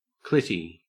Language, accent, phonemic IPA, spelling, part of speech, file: English, Australia, /ˈklɪti/, clitty, noun / adjective, En-au-clitty.ogg
- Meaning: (noun) 1. The clitoris; clit 2. A penis likened to a clitoris, especially in terms of smallness; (adjective) Poorly or imperfectly set (of bread, cement, soil after rain, etc)